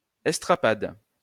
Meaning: strappado, a torture or punishment technique where the victim is tied at a pole which is dropped from a considerable height to just above the soil; aboard a vessel, the victim is dipped into the sea
- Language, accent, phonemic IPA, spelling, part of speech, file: French, France, /ɛs.tʁa.pad/, estrapade, noun, LL-Q150 (fra)-estrapade.wav